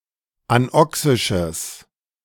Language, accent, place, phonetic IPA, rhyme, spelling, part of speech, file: German, Germany, Berlin, [anˈɔksɪʃəs], -ɔksɪʃəs, anoxisches, adjective, De-anoxisches.ogg
- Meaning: strong/mixed nominative/accusative neuter singular of anoxisch